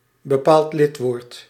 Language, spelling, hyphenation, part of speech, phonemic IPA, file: Dutch, bepaald lidwoord, be‧paald lid‧woord, noun, /bəˌpaːlt ˈlɪt.ʋoːrt/, Nl-bepaald lidwoord.ogg
- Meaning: definite article